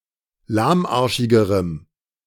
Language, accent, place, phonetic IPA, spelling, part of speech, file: German, Germany, Berlin, [ˈlaːmˌʔaʁʃɪɡəʁəm], lahmarschigerem, adjective, De-lahmarschigerem.ogg
- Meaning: strong dative masculine/neuter singular comparative degree of lahmarschig